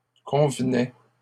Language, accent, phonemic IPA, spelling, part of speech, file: French, Canada, /kɔ̃v.nɛ/, convenait, verb, LL-Q150 (fra)-convenait.wav
- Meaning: third-person singular imperfect indicative of convenir